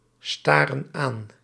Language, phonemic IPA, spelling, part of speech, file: Dutch, /ˈstɑrə(n) ˈan/, staren aan, verb, Nl-staren aan.ogg
- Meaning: inflection of aanstaren: 1. plural present indicative 2. plural present subjunctive